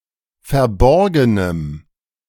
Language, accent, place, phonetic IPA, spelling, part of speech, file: German, Germany, Berlin, [fɛɐ̯ˈbɔʁɡənəm], verborgenem, adjective, De-verborgenem.ogg
- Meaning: strong dative masculine/neuter singular of verborgen